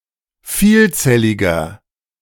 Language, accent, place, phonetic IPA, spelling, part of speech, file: German, Germany, Berlin, [ˈfiːlˌt͡sɛlɪɡɐ], vielzelliger, adjective, De-vielzelliger.ogg
- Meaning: inflection of vielzellig: 1. strong/mixed nominative masculine singular 2. strong genitive/dative feminine singular 3. strong genitive plural